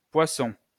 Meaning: 1. the constellation Pisces 'the Fishes' 2. the zodiac sign Pisces, after the above 3. Poissons (a municipality in northern Champage)
- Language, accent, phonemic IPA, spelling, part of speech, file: French, France, /pwa.sɔ̃/, Poissons, proper noun, LL-Q150 (fra)-Poissons.wav